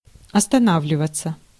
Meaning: 1. to stop, to come to a stop, to pause, to pull up 2. to put up, to stop, to stay 3. to dwell on 4. to decide in favor, to decide on, to settle on 5. passive of остана́вливать (ostanávlivatʹ)
- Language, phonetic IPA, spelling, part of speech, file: Russian, [ɐstɐˈnavlʲɪvət͡sə], останавливаться, verb, Ru-останавливаться.ogg